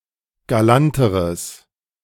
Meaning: strong/mixed nominative/accusative neuter singular comparative degree of galant
- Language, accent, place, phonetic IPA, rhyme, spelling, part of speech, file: German, Germany, Berlin, [ɡaˈlantəʁəs], -antəʁəs, galanteres, adjective, De-galanteres.ogg